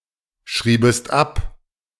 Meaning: second-person singular subjunctive II of abschreiben
- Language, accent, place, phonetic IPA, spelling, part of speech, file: German, Germany, Berlin, [ˌʃʁiːbəst ˈap], schriebest ab, verb, De-schriebest ab.ogg